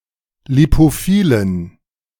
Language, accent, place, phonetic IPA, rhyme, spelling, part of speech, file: German, Germany, Berlin, [lipoˈfiːlən], -iːlən, lipophilen, adjective, De-lipophilen.ogg
- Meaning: inflection of lipophil: 1. strong genitive masculine/neuter singular 2. weak/mixed genitive/dative all-gender singular 3. strong/weak/mixed accusative masculine singular 4. strong dative plural